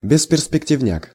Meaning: same as бесперспекти́вность (besperspektívnostʹ)
- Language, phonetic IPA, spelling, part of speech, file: Russian, [bʲɪspʲɪrspʲɪktʲɪvˈnʲak], бесперспективняк, noun, Ru-бесперспективняк.ogg